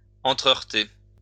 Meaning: post-1990 spelling of entre-heurter
- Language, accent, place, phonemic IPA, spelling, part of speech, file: French, France, Lyon, /ɑ̃.tʁə.œʁ.te/, entreheurter, verb, LL-Q150 (fra)-entreheurter.wav